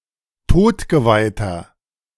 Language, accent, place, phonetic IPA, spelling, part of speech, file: German, Germany, Berlin, [ˈtoːtɡəvaɪ̯tɐ], todgeweihter, adjective, De-todgeweihter.ogg
- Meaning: inflection of todgeweiht: 1. strong/mixed nominative masculine singular 2. strong genitive/dative feminine singular 3. strong genitive plural